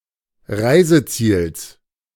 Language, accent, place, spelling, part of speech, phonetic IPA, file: German, Germany, Berlin, Reiseziels, noun, [ˈʁaɪ̯zəˌt͡siːls], De-Reiseziels.ogg
- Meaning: genitive of Reiseziel